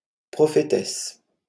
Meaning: female equivalent of prophète (“prophetess”)
- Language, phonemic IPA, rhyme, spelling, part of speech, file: French, /pʁɔ.fe.tɛs/, -ɛs, prophétesse, noun, LL-Q150 (fra)-prophétesse.wav